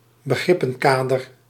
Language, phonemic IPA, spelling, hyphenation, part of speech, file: Dutch, /bəˈɣrɪ.pə(n)ˌkaː.dər/, begrippenkader, be‧grip‧pen‧ka‧der, noun, Nl-begrippenkader.ogg
- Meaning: conceptual framework